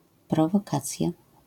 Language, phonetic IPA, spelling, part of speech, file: Polish, [ˌprɔvɔˈkat͡sʲja], prowokacja, noun, LL-Q809 (pol)-prowokacja.wav